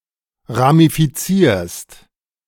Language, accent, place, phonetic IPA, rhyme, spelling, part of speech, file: German, Germany, Berlin, [ʁamifiˈt͡siːɐ̯st], -iːɐ̯st, ramifizierst, verb, De-ramifizierst.ogg
- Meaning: second-person singular present of ramifizieren